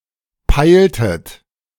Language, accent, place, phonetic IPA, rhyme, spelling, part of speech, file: German, Germany, Berlin, [ˈpaɪ̯ltət], -aɪ̯ltət, peiltet, verb, De-peiltet.ogg
- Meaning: inflection of peilen: 1. second-person plural preterite 2. second-person plural subjunctive II